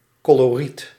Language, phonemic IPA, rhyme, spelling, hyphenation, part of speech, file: Dutch, /ˌkoː.loːˈrit/, -it, coloriet, co‧lo‧riet, noun, Nl-coloriet.ogg
- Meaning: palette, the effect of the ensemble of colours in a painting